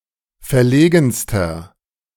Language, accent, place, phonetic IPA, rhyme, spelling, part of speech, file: German, Germany, Berlin, [fɛɐ̯ˈleːɡn̩stɐ], -eːɡn̩stɐ, verlegenster, adjective, De-verlegenster.ogg
- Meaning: inflection of verlegen: 1. strong/mixed nominative masculine singular superlative degree 2. strong genitive/dative feminine singular superlative degree 3. strong genitive plural superlative degree